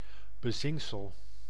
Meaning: dregs, sediment (sediment settled at the bottom of a liquid)
- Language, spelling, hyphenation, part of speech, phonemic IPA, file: Dutch, bezinksel, be‧zink‧sel, noun, /bəˈzɪŋk.səl/, Nl-bezinksel.ogg